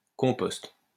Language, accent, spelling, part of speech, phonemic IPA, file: French, France, compost, noun, /kɔ̃.pɔst/, LL-Q150 (fra)-compost.wav
- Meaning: compost, natural fertilizer produced by decaying organic matter